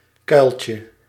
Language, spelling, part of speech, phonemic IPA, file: Dutch, kuiltje, noun, /ˈkœylcə/, Nl-kuiltje.ogg
- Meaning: 1. diminutive of kuil 2. dimple (depression in the corner of the mouth)